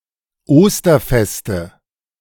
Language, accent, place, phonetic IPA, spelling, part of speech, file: German, Germany, Berlin, [ˈoːstɐˌfɛstə], Osterfeste, noun, De-Osterfeste.ogg
- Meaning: nominative/accusative/genitive plural of Osterfest